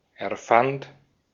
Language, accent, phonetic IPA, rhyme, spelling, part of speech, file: German, Austria, [ɛɐ̯ˈfant], -ant, erfand, verb, De-at-erfand.ogg
- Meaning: first/third-person singular preterite of erfinden